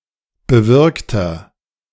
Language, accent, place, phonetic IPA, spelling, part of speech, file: German, Germany, Berlin, [bəˈvɪʁktɐ], bewirkter, adjective, De-bewirkter.ogg
- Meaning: inflection of bewirkt: 1. strong/mixed nominative masculine singular 2. strong genitive/dative feminine singular 3. strong genitive plural